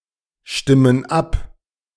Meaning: inflection of abstimmen: 1. first/third-person plural present 2. first/third-person plural subjunctive I
- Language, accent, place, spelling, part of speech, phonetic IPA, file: German, Germany, Berlin, stimmen ab, verb, [ˌʃtɪmən ˈap], De-stimmen ab.ogg